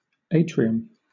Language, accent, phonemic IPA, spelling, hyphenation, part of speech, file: English, Southern England, /ˈeɪ.tɹi.əm/, atrium, a‧tri‧um, noun, LL-Q1860 (eng)-atrium.wav
- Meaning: A central room or space in ancient Roman homes, open to the sky in the middle; a similar space in other buildings